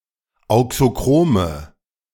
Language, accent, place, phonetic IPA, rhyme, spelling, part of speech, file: German, Germany, Berlin, [ˌaʊ̯ksoˈkʁoːmə], -oːmə, auxochrome, adjective, De-auxochrome.ogg
- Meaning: inflection of auxochrom: 1. strong/mixed nominative/accusative feminine singular 2. strong nominative/accusative plural 3. weak nominative all-gender singular